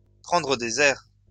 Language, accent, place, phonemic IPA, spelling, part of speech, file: French, France, Lyon, /pʁɑ̃.dʁə de.z‿ɛʁ/, prendre des airs, verb, LL-Q150 (fra)-prendre des airs.wav
- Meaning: to put on airs, to give oneself airs